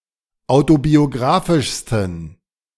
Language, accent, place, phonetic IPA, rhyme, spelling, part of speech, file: German, Germany, Berlin, [ˌaʊ̯tobioˈɡʁaːfɪʃstn̩], -aːfɪʃstn̩, autobiographischsten, adjective, De-autobiographischsten.ogg
- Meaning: 1. superlative degree of autobiographisch 2. inflection of autobiographisch: strong genitive masculine/neuter singular superlative degree